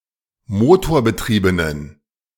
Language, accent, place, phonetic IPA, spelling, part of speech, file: German, Germany, Berlin, [ˈmoːtoːɐ̯bəˌtʁiːbənən], motorbetriebenen, adjective, De-motorbetriebenen.ogg
- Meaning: inflection of motorbetrieben: 1. strong genitive masculine/neuter singular 2. weak/mixed genitive/dative all-gender singular 3. strong/weak/mixed accusative masculine singular 4. strong dative plural